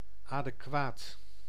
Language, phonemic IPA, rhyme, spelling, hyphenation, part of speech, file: Dutch, /ˌaː.dəˈkʋaːt/, -aːt, adequaat, ade‧quaat, adjective, Nl-adequaat.ogg
- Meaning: adequate